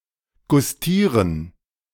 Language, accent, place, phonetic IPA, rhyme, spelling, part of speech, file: German, Germany, Berlin, [ɡʊsˈtiːʁən], -iːʁən, gustieren, verb, De-gustieren.ogg
- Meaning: 1. to appreciate, enjoy 2. to try; to taste